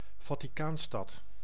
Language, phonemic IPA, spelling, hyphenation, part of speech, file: Dutch, /vaː.tiˈkaːnˌstɑt/, Vaticaanstad, Va‧ti‧caan‧stad, proper noun, Nl-Vaticaanstad.ogg
- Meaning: Vatican City (a city-state in Southern Europe, an enclave within the city of Rome, Italy)